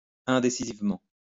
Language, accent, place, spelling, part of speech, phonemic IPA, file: French, France, Lyon, indécisivement, adverb, /ɛ̃.de.si.ziv.mɑ̃/, LL-Q150 (fra)-indécisivement.wav
- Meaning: indecisively